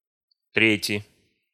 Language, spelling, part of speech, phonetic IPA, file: Russian, трети, noun, [ˈtrʲetʲɪ], Ru-трети.ogg
- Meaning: inflection of треть (tretʹ): 1. genitive/dative/prepositional singular 2. nominative/accusative plural